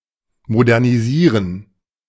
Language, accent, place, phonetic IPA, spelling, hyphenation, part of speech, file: German, Germany, Berlin, [modɛʁniˈziːʁən], modernisieren, mo‧der‧ni‧sie‧ren, verb, De-modernisieren.ogg
- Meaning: 1. to modernize 2. to modernize (chiefly in the context of renovation of one's facilities)